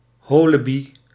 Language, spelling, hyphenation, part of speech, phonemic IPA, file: Dutch, holebi, ho‧le‧bi, noun, /ˈɦoː.ləˌbi/, Nl-holebi.ogg
- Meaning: collective name for homosexuals, lesbians and bisexuals; lesbigay; LGB